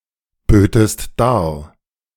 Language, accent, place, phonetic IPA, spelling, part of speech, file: German, Germany, Berlin, [ˌbøːtəst ˈdaːɐ̯], bötest dar, verb, De-bötest dar.ogg
- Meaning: second-person singular subjunctive II of darbieten